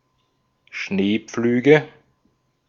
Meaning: nominative/accusative/genitive plural of Schneepflug
- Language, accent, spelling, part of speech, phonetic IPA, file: German, Austria, Schneepflüge, noun, [ˈʃneːˌp͡flyːɡə], De-at-Schneepflüge.ogg